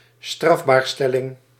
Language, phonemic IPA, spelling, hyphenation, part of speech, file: Dutch, /ˈstrɑf.baːrˌstɛ.lɪŋ/, strafbaarstelling, straf‧baar‧stel‧ling, noun, Nl-strafbaarstelling.ogg
- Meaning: criminalisation